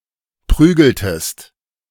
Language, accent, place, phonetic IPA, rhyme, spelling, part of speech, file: German, Germany, Berlin, [ˈpʁyːɡl̩təst], -yːɡl̩təst, prügeltest, verb, De-prügeltest.ogg
- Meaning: inflection of prügeln: 1. second-person singular preterite 2. second-person singular subjunctive II